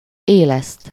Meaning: 1. to revive, resuscitate 2. to stir up, poke 3. to stir up, foment
- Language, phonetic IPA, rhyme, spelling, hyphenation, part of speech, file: Hungarian, [ˈeːlɛst], -ɛst, éleszt, éleszt, verb, Hu-éleszt.ogg